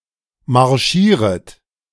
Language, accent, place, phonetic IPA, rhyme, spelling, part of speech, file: German, Germany, Berlin, [maʁˈʃiːʁət], -iːʁət, marschieret, verb, De-marschieret.ogg
- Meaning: second-person plural subjunctive I of marschieren